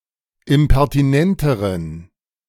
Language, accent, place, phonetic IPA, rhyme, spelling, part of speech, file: German, Germany, Berlin, [ɪmpɛʁtiˈnɛntəʁən], -ɛntəʁən, impertinenteren, adjective, De-impertinenteren.ogg
- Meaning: inflection of impertinent: 1. strong genitive masculine/neuter singular comparative degree 2. weak/mixed genitive/dative all-gender singular comparative degree